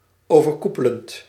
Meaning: present participle of overkoepelen
- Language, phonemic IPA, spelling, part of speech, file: Dutch, /ovərˈkupələnt/, overkoepelend, verb / adjective, Nl-overkoepelend.ogg